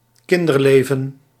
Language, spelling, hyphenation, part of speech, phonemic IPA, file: Dutch, kinderleven, kin‧der‧le‧ven, noun, /ˈkɪn.dərˌleː.və(n)/, Nl-kinderleven.ogg
- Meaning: the life of a child